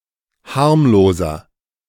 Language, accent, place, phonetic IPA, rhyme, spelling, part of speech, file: German, Germany, Berlin, [ˈhaʁmloːzɐ], -aʁmloːzɐ, harmloser, adjective, De-harmloser.ogg
- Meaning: 1. comparative degree of harmlos 2. inflection of harmlos: strong/mixed nominative masculine singular 3. inflection of harmlos: strong genitive/dative feminine singular